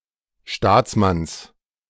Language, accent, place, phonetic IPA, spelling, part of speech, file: German, Germany, Berlin, [ˈʃtaːt͡sˌmans], Staatsmanns, noun, De-Staatsmanns.ogg
- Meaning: genitive of Staatsmann